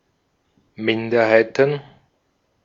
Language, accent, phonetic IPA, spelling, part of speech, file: German, Austria, [ˈmɪndɐhaɪ̯tn̩], Minderheiten, noun, De-at-Minderheiten.ogg
- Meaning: plural of Minderheit